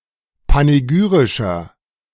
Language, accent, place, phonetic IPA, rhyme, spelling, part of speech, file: German, Germany, Berlin, [paneˈɡyːʁɪʃɐ], -yːʁɪʃɐ, panegyrischer, adjective, De-panegyrischer.ogg
- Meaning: inflection of panegyrisch: 1. strong/mixed nominative masculine singular 2. strong genitive/dative feminine singular 3. strong genitive plural